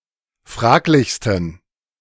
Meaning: 1. superlative degree of fraglich 2. inflection of fraglich: strong genitive masculine/neuter singular superlative degree
- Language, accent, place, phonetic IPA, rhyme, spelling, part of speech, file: German, Germany, Berlin, [ˈfʁaːklɪçstn̩], -aːklɪçstn̩, fraglichsten, adjective, De-fraglichsten.ogg